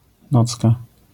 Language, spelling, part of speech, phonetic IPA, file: Polish, nocka, noun, [ˈnɔt͡ska], LL-Q809 (pol)-nocka.wav